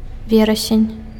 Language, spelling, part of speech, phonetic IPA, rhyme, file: Belarusian, верасень, noun, [ˈvʲerasʲenʲ], -erasʲenʲ, Be-верасень.ogg
- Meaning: September